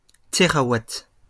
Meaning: terawatt
- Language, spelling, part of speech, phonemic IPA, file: French, térawatt, noun, /te.ʁa.wat/, LL-Q150 (fra)-térawatt.wav